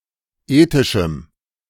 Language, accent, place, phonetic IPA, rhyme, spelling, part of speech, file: German, Germany, Berlin, [ˈeːtɪʃm̩], -eːtɪʃm̩, ethischem, adjective, De-ethischem.ogg
- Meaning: strong dative masculine/neuter singular of ethisch